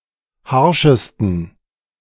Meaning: 1. superlative degree of harsch 2. inflection of harsch: strong genitive masculine/neuter singular superlative degree
- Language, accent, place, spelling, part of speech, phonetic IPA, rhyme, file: German, Germany, Berlin, harschesten, adjective, [ˈhaʁʃəstn̩], -aʁʃəstn̩, De-harschesten.ogg